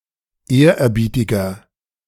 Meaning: 1. comparative degree of ehrerbietig 2. inflection of ehrerbietig: strong/mixed nominative masculine singular 3. inflection of ehrerbietig: strong genitive/dative feminine singular
- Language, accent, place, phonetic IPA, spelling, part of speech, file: German, Germany, Berlin, [ˈeːɐ̯ʔɛɐ̯ˌbiːtɪɡɐ], ehrerbietiger, adjective, De-ehrerbietiger.ogg